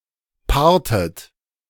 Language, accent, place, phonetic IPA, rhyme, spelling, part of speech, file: German, Germany, Berlin, [ˈpaːɐ̯tət], -aːɐ̯tət, paartet, verb, De-paartet.ogg
- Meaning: inflection of paaren: 1. second-person plural preterite 2. second-person plural subjunctive II